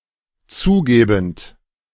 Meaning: present participle of zugeben
- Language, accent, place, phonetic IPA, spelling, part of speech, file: German, Germany, Berlin, [ˈt͡suːˌɡeːbn̩t], zugebend, verb, De-zugebend.ogg